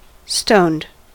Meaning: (verb) simple past and past participle of stone; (adjective) 1. Containing stones 2. Having had the stones removed 3. Drunk; intoxicated by alcohol 4. High on drugs, especially cannabis
- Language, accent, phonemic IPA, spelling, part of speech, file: English, US, /stoʊnd/, stoned, verb / adjective, En-us-stoned.ogg